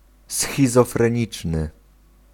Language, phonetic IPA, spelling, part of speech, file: Polish, [ˌsxʲizɔfrɛ̃ˈɲit͡ʃnɨ], schizofreniczny, adjective, Pl-schizofreniczny.ogg